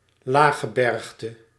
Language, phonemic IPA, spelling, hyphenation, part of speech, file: Dutch, /ˈlaː.xəˌbɛrx.tə/, laaggebergte, laag‧ge‧berg‧te, noun, Nl-laaggebergte.ogg
- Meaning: mountain range consisting of relatively low mountains or foothills